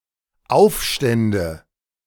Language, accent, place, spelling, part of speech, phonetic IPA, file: German, Germany, Berlin, Aufstände, noun, [ˈaʊ̯fˌʃtɛndə], De-Aufstände.ogg
- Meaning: nominative/accusative/genitive plural of Aufstand